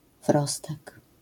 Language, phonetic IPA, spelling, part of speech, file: Polish, [ˈvrɔstɛk], wrostek, noun, LL-Q809 (pol)-wrostek.wav